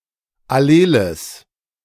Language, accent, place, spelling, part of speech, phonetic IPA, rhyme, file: German, Germany, Berlin, alleles, adjective, [aˈleːləs], -eːləs, De-alleles.ogg
- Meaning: strong/mixed nominative/accusative neuter singular of allel